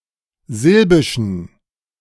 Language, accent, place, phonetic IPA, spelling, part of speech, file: German, Germany, Berlin, [ˈzɪlbɪʃn̩], silbischen, adjective, De-silbischen.ogg
- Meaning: inflection of silbisch: 1. strong genitive masculine/neuter singular 2. weak/mixed genitive/dative all-gender singular 3. strong/weak/mixed accusative masculine singular 4. strong dative plural